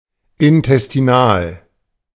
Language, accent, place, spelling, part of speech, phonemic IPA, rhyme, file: German, Germany, Berlin, intestinal, adjective, /ɪntɛstiˈnaːl/, -aːl, De-intestinal.ogg
- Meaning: intestinal